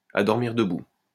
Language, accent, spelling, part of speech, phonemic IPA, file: French, France, à dormir debout, adjective, /a dɔʁ.miʁ də.bu/, LL-Q150 (fra)-à dormir debout.wav
- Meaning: ludicrous, far-fetched